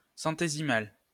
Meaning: centesimal
- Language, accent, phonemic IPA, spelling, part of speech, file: French, France, /sɑ̃.te.zi.mal/, centésimal, adjective, LL-Q150 (fra)-centésimal.wav